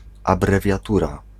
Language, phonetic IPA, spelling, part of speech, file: Polish, [ˌabrɛvʲjaˈtura], abrewiatura, noun, Pl-abrewiatura.ogg